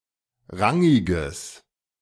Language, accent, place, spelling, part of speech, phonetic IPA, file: German, Germany, Berlin, rangiges, adjective, [ˈʁaŋɪɡəs], De-rangiges.ogg
- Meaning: strong/mixed nominative/accusative neuter singular of rangig